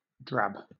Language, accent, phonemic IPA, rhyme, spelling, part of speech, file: English, Southern England, /dɹæb/, -æb, drab, noun / adjective / verb, LL-Q1860 (eng)-drab.wav
- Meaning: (noun) 1. A fabric, usually of thick cotton or wool, having a dull brownish yellow, dull grey, or dun colour 2. The color of this fabric